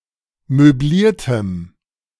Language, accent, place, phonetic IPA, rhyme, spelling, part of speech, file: German, Germany, Berlin, [møˈbliːɐ̯təm], -iːɐ̯təm, möbliertem, adjective, De-möbliertem.ogg
- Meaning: strong dative masculine/neuter singular of möbliert